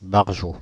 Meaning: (adjective) bonkers, nuts; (noun) nutter; crackpot
- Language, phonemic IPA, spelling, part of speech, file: French, /baʁ.ʒo/, barjot, adjective / noun, Fr-barjot.ogg